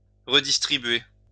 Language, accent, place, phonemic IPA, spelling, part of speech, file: French, France, Lyon, /ʁə.dis.tʁi.bɥe/, redistribuer, verb, LL-Q150 (fra)-redistribuer.wav
- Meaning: to redistribute